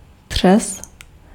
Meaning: tremor, shake
- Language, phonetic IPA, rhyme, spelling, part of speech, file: Czech, [ˈtr̝̊ɛs], -ɛs, třes, noun, Cs-třes.ogg